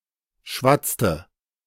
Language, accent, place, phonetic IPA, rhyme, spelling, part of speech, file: German, Germany, Berlin, [ˈʃvat͡stə], -at͡stə, schwatzte, verb, De-schwatzte.ogg
- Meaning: inflection of schwatzen: 1. first/third-person singular preterite 2. first/third-person singular subjunctive II